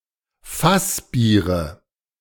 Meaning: nominative/accusative/genitive plural of Fassbier
- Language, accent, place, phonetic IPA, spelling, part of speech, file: German, Germany, Berlin, [ˈfasˌbiːʁə], Fassbiere, noun, De-Fassbiere.ogg